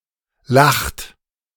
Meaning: inflection of lachen: 1. third-person singular present 2. second-person plural present 3. plural imperative
- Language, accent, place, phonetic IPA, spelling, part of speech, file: German, Germany, Berlin, [laxt], lacht, verb, De-lacht.ogg